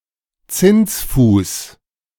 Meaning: interest rate
- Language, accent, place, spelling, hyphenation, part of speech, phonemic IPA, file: German, Germany, Berlin, Zinsfuß, Zins‧fuß, noun, /ˈt͡sɪnsˌfuːs/, De-Zinsfuß.ogg